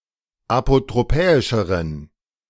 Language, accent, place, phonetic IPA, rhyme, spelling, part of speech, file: German, Germany, Berlin, [apotʁoˈpɛːɪʃəʁən], -ɛːɪʃəʁən, apotropäischeren, adjective, De-apotropäischeren.ogg
- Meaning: inflection of apotropäisch: 1. strong genitive masculine/neuter singular comparative degree 2. weak/mixed genitive/dative all-gender singular comparative degree